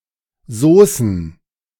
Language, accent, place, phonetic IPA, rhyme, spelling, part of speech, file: German, Germany, Berlin, [ˈzoːsn̩], -oːsn̩, Soßen, noun, De-Soßen.ogg
- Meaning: plural of Soße